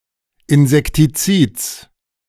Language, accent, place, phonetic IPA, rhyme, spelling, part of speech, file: German, Germany, Berlin, [ɪnzɛktiˈt͡siːt͡s], -iːt͡s, Insektizids, noun, De-Insektizids.ogg
- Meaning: genitive singular of Insektizid